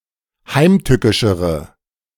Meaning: inflection of heimtückisch: 1. strong/mixed nominative/accusative feminine singular comparative degree 2. strong nominative/accusative plural comparative degree
- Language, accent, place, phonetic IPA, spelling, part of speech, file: German, Germany, Berlin, [ˈhaɪ̯mˌtʏkɪʃəʁə], heimtückischere, adjective, De-heimtückischere.ogg